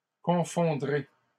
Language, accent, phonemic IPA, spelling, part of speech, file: French, Canada, /kɔ̃.fɔ̃.dʁe/, confondrai, verb, LL-Q150 (fra)-confondrai.wav
- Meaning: first-person singular future of confondre